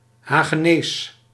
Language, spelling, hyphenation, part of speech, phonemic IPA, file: Dutch, Hagenees, Ha‧ge‧nees, noun / proper noun, /ˌɦaː.ɣəˈneːs/, Nl-Hagenees.ogg
- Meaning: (noun) a (usually) lower-class inhabitant of The Hague; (proper noun) the lect spoken by lower-class people from The Hague